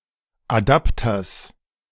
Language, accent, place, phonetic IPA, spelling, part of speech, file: German, Germany, Berlin, [aˈdaptɐs], Adapters, noun, De-Adapters.ogg
- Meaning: genitive singular of Adapter